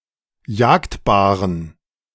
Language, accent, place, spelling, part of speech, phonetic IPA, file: German, Germany, Berlin, jagdbaren, adjective, [ˈjaːktbaːʁən], De-jagdbaren.ogg
- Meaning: inflection of jagdbar: 1. strong genitive masculine/neuter singular 2. weak/mixed genitive/dative all-gender singular 3. strong/weak/mixed accusative masculine singular 4. strong dative plural